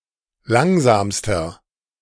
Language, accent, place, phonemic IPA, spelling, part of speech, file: German, Germany, Berlin, /ˈlaŋzaːmstɐ/, langsamster, adjective, De-langsamster.ogg
- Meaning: inflection of langsam: 1. strong/mixed nominative masculine singular superlative degree 2. strong genitive/dative feminine singular superlative degree 3. strong genitive plural superlative degree